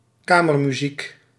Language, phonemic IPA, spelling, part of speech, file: Dutch, /ˈkamərmyzik/, kamermuziek, noun, Nl-kamermuziek.ogg
- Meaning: chamber music